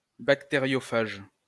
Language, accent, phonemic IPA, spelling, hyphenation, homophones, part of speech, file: French, France, /bak.te.ʁjɔ.faʒ/, bactériophage, bac‧té‧rio‧phage, bactériophages, adjective / noun, LL-Q150 (fra)-bactériophage.wav
- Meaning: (adjective) bacteriophagous; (noun) bacteriophage